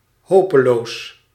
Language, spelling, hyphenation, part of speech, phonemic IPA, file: Dutch, hopeloos, ho‧pe‧loos, adjective, /ˈhopəˌlos/, Nl-hopeloos.ogg
- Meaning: hopeless